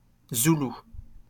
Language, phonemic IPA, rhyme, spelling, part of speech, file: French, /zu.lu/, -u, zoulou, adjective / noun, LL-Q150 (fra)-zoulou.wav
- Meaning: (adjective) Zulu; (noun) Zulu, the Zulu language